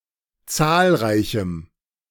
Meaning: strong dative masculine/neuter singular of zahlreich
- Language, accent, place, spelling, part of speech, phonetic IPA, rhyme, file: German, Germany, Berlin, zahlreichem, adjective, [ˈt͡saːlˌʁaɪ̯çm̩], -aːlʁaɪ̯çm̩, De-zahlreichem.ogg